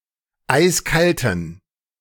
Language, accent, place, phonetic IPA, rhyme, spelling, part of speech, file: German, Germany, Berlin, [ˈaɪ̯sˈkaltn̩], -altn̩, eiskalten, adjective, De-eiskalten.ogg
- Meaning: inflection of eiskalt: 1. strong genitive masculine/neuter singular 2. weak/mixed genitive/dative all-gender singular 3. strong/weak/mixed accusative masculine singular 4. strong dative plural